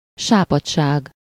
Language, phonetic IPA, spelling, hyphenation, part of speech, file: Hungarian, [ˈʃaːpɒtt͡ʃaːɡ], sápadtság, sá‧padt‧ság, noun, Hu-sápadtság.ogg
- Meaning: paleness, pallor, wanness, colorlessness